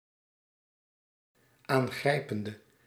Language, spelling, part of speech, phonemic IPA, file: Dutch, aangrijpende, adjective, /ˌaːŋˈɣrɛi̯.pən.də/, Nl-aangrijpende.ogg
- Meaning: inflection of aangrijpend: 1. masculine/feminine singular attributive 2. definite neuter singular attributive 3. plural attributive